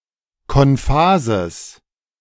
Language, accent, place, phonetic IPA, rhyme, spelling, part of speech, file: German, Germany, Berlin, [kɔnˈfaːzəs], -aːzəs, konphases, adjective, De-konphases.ogg
- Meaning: strong/mixed nominative/accusative neuter singular of konphas